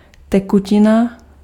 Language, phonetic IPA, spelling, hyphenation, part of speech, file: Czech, [ˈtɛkucɪna], tekutina, te‧ku‧ti‧na, noun, Cs-tekutina.ogg
- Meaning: fluid, liquid